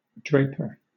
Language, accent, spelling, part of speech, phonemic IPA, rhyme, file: English, Southern England, draper, noun, /ˈdɹeɪ.pə(ɹ)/, -eɪpə(ɹ), LL-Q1860 (eng)-draper.wav
- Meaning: One who sells cloths; a dealer in cloths; a textile merchant